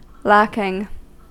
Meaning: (verb) present participle and gerund of lack; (noun) The absence of something that is desirable or otherwise ought to be present; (adjective) Missing or not having enough of (a good quality, etc)
- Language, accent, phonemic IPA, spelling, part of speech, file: English, US, /ˈlækɪŋ/, lacking, verb / noun / adjective, En-us-lacking.ogg